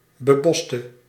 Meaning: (adjective) inflection of bebost: 1. masculine/feminine singular attributive 2. definite neuter singular attributive 3. plural attributive; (verb) inflection of bebossen: singular past indicative
- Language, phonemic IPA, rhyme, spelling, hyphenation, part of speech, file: Dutch, /bəˈbɔs.tə/, -ɔstə, beboste, be‧bos‧te, adjective / verb, Nl-beboste.ogg